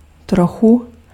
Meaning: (adverb) a bit; a little; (noun) 1. accusative singular of trocha 2. dative/vocative singular of troch
- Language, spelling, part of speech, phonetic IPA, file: Czech, trochu, adverb / noun, [ˈtroxu], Cs-trochu.ogg